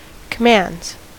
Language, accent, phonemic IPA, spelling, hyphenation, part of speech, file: English, US, /kəˈmændz/, commands, com‧mands, noun / verb, En-us-commands.ogg
- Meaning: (noun) plural of command; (verb) third-person singular simple present indicative of command